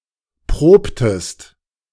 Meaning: inflection of proben: 1. second-person singular preterite 2. second-person singular subjunctive II
- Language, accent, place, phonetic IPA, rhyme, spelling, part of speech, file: German, Germany, Berlin, [ˈpʁoːptəst], -oːptəst, probtest, verb, De-probtest.ogg